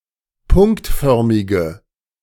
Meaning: inflection of punktförmig: 1. strong/mixed nominative/accusative feminine singular 2. strong nominative/accusative plural 3. weak nominative all-gender singular
- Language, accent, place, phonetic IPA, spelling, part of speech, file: German, Germany, Berlin, [ˈpʊŋktˌfœʁmɪɡə], punktförmige, adjective, De-punktförmige.ogg